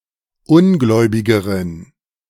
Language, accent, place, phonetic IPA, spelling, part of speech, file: German, Germany, Berlin, [ˈʊnˌɡlɔɪ̯bɪɡəʁən], ungläubigeren, adjective, De-ungläubigeren.ogg
- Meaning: inflection of ungläubig: 1. strong genitive masculine/neuter singular comparative degree 2. weak/mixed genitive/dative all-gender singular comparative degree